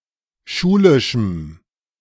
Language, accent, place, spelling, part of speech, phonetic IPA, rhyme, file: German, Germany, Berlin, schulischem, adjective, [ˈʃuːlɪʃm̩], -uːlɪʃm̩, De-schulischem.ogg
- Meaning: strong dative masculine/neuter singular of schulisch